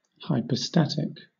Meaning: 1. Pertaining to hypostasis, especially with reference to hypostatic union 2. Personal, or distinctly personal; relating to the divine hypostases, or substances
- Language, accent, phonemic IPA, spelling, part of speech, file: English, Southern England, /haɪpəˈstætɪk/, hypostatic, adjective, LL-Q1860 (eng)-hypostatic.wav